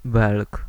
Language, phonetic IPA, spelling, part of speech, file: Polish, [bɛlk], Belg, noun, Pl-Belg.ogg